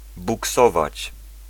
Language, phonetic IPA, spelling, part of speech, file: Polish, [buˈksɔvat͡ɕ], buksować, verb, Pl-buksować.ogg